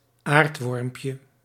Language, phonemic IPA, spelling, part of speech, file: Dutch, /ˈartwɔrᵊmpjə/, aardwormpje, noun, Nl-aardwormpje.ogg
- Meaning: diminutive of aardworm